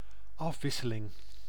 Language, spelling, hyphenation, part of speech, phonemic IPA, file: Dutch, afwisseling, af‧wis‧se‧ling, noun, /ˈɑfˌʋɪ.sə.lɪŋ/, Nl-afwisseling.ogg
- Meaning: 1. change, variation 2. alternation